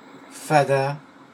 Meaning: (adjective) crazy; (noun) nutcase; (verb) third-person singular past historic of fader
- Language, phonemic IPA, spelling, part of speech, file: French, /fa.da/, fada, adjective / noun / verb, Fr-fada.ogg